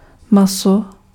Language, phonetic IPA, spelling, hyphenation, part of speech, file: Czech, [ˈmaso], maso, ma‧so, noun, Cs-maso.ogg
- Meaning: meat